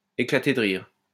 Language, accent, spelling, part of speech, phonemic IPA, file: French, France, éclater de rire, verb, /e.kla.te d(ə) ʁiʁ/, LL-Q150 (fra)-éclater de rire.wav
- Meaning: to burst out laughing